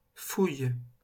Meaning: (noun) 1. search (act of searching through something, e.g. a bag, pocket) 2. rummage 3. excavation 4. delve; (verb) inflection of fouiller: first/third-person singular present indicative/subjunctive
- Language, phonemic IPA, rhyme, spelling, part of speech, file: French, /fuj/, -uj, fouille, noun / verb, LL-Q150 (fra)-fouille.wav